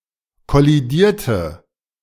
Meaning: inflection of kollidieren: 1. first/third-person singular preterite 2. first/third-person singular subjunctive II
- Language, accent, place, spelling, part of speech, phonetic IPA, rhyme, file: German, Germany, Berlin, kollidierte, adjective / verb, [kɔliˈdiːɐ̯tə], -iːɐ̯tə, De-kollidierte.ogg